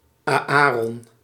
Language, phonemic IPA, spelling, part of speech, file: Dutch, /aːˈaː.rɔn/, Aäron, proper noun, Nl-Aäron.ogg
- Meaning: 1. Aaron (Biblical figure) 2. a male given name from Hebrew, equivalent to English Aaron